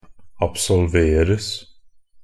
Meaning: passive of absolvere
- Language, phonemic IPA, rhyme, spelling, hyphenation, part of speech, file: Norwegian Bokmål, /absɔlˈʋeːrəs/, -əs, absolveres, ab‧sol‧ver‧es, verb, NB - Pronunciation of Norwegian Bokmål «absolveres».ogg